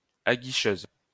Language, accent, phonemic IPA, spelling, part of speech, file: French, France, /a.ɡi.ʃøz/, aguicheuse, adjective, LL-Q150 (fra)-aguicheuse.wav
- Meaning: feminine singular of aguicheur